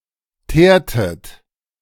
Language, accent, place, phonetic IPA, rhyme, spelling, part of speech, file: German, Germany, Berlin, [ˈteːɐ̯tət], -eːɐ̯tət, teertet, verb, De-teertet.ogg
- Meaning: inflection of teeren: 1. second-person plural preterite 2. second-person plural subjunctive II